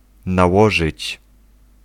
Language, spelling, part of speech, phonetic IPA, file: Polish, nałożyć, verb, [naˈwɔʒɨt͡ɕ], Pl-nałożyć.ogg